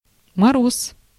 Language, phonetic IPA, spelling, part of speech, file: Russian, [mɐˈros], мороз, noun, Ru-мороз.ogg
- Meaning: freezing weather, frost